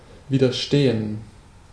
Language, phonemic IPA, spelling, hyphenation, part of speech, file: German, /viːdəʁˈʃteːn/, widerstehen, wi‧der‧ste‧hen, verb, De-widerstehen.ogg
- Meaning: to withstand, to resist